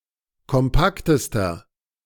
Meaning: inflection of kompakt: 1. strong/mixed nominative masculine singular superlative degree 2. strong genitive/dative feminine singular superlative degree 3. strong genitive plural superlative degree
- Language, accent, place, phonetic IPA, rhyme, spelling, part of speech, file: German, Germany, Berlin, [kɔmˈpaktəstɐ], -aktəstɐ, kompaktester, adjective, De-kompaktester.ogg